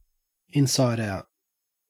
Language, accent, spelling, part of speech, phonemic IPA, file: English, Australia, inside out, adverb / adjective, /ˌɪnsaɪdˈaʊt/, En-au-inside out.ogg
- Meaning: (adverb) 1. With the inside surface turned to be on the outside 2. Thoroughly; extremely well 3. Completely; through and through; to the core